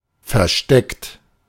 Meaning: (verb) past participle of verstecken; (adjective) hidden
- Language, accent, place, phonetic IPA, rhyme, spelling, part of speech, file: German, Germany, Berlin, [fɛɐ̯ˈʃtɛkt], -ɛkt, versteckt, adjective / verb, De-versteckt.ogg